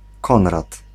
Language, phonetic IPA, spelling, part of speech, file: Polish, [ˈkɔ̃nrat], Konrad, proper noun, Pl-Konrad.ogg